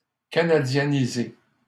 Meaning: Canadianize (to make Canadian)
- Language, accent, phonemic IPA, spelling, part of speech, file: French, Canada, /ka.na.dja.ni.ze/, canadianiser, verb, LL-Q150 (fra)-canadianiser.wav